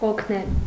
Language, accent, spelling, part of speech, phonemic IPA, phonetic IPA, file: Armenian, Eastern Armenian, օգնել, verb, /okʰˈnel/, [okʰnél], Hy-օգնել.ogg
- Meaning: to help, to assist, to aid